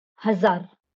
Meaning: thousand
- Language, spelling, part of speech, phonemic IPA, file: Marathi, हजार, numeral, /ɦə.d͡zaɾ/, LL-Q1571 (mar)-हजार.wav